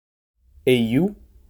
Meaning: where
- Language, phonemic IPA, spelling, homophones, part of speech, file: French, /e.ju/, éyoù, éioù, adverb, Frc-éyoù.oga